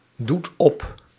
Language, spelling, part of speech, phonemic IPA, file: Dutch, doet op, verb, /ˈdut ˈɔp/, Nl-doet op.ogg
- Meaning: inflection of opdoen: 1. second/third-person singular present indicative 2. plural imperative